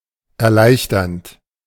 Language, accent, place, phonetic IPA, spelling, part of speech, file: German, Germany, Berlin, [ɛɐ̯ˈlaɪ̯çtɐnt], erleichternd, verb, De-erleichternd.ogg
- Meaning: present participle of erleichtern